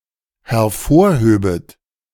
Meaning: second-person plural dependent subjunctive II of hervorheben
- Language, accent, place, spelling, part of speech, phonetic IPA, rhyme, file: German, Germany, Berlin, hervorhöbet, verb, [hɛɐ̯ˈfoːɐ̯ˌhøːbət], -oːɐ̯høːbət, De-hervorhöbet.ogg